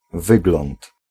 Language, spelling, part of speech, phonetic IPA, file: Polish, wygląd, noun, [ˈvɨɡlɔ̃nt], Pl-wygląd.ogg